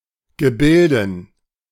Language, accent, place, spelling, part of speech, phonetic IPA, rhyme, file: German, Germany, Berlin, Gebilden, noun, [ɡəˈbɪldn̩], -ɪldn̩, De-Gebilden.ogg
- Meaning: dative plural of Gebilde